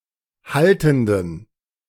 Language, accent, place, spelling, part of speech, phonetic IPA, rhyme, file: German, Germany, Berlin, haltenden, adjective, [ˈhaltn̩dən], -altn̩dən, De-haltenden.ogg
- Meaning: inflection of haltend: 1. strong genitive masculine/neuter singular 2. weak/mixed genitive/dative all-gender singular 3. strong/weak/mixed accusative masculine singular 4. strong dative plural